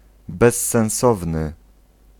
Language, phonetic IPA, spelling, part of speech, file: Polish, [ˌbɛsːɛ̃w̃ˈsɔvnɨ], bezsensowny, adjective, Pl-bezsensowny.ogg